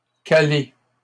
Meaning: 1. to wedge (open) (a door) 2. to jam (machinery etc.), to stall (an engine) 3. to stall (of driver, engine) 4. to fill (someone) up 5. (of person eating) to be full 6. to synchronize
- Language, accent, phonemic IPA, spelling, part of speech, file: French, Canada, /ka.le/, caler, verb, LL-Q150 (fra)-caler.wav